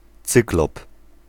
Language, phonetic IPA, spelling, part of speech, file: Polish, [ˈt͡sɨklɔp], cyklop, noun, Pl-cyklop.ogg